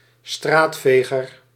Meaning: a street sweeper
- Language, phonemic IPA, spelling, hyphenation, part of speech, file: Dutch, /ˈstraːtˌfeː.ɣər/, straatveger, straat‧ve‧ger, noun, Nl-straatveger.ogg